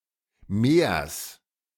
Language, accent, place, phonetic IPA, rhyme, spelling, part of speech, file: German, Germany, Berlin, [meːɐ̯s], -eːɐ̯s, Mehrs, noun, De-Mehrs.ogg
- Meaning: genitive singular of Mehr